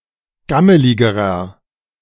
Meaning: inflection of gammelig: 1. strong/mixed nominative masculine singular comparative degree 2. strong genitive/dative feminine singular comparative degree 3. strong genitive plural comparative degree
- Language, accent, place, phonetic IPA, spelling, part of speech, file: German, Germany, Berlin, [ˈɡaməlɪɡəʁɐ], gammeligerer, adjective, De-gammeligerer.ogg